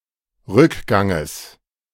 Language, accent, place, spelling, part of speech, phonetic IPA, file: German, Germany, Berlin, Rückganges, noun, [ˈʁʏkˌɡaŋəs], De-Rückganges.ogg
- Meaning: genitive singular of Rückgang